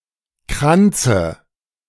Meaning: dative singular of Kranz
- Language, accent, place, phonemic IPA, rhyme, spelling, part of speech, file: German, Germany, Berlin, /ˈkʁant͡sə/, -antsə, Kranze, noun, De-Kranze.ogg